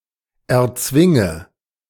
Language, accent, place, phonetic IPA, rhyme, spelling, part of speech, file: German, Germany, Berlin, [ɛɐ̯ˈt͡svɪŋə], -ɪŋə, erzwinge, verb, De-erzwinge.ogg
- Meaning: inflection of erzwingen: 1. first-person singular present 2. first/third-person singular subjunctive I 3. singular imperative